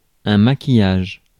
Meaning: makeup
- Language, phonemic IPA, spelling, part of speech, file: French, /ma.ki.jaʒ/, maquillage, noun, Fr-maquillage.ogg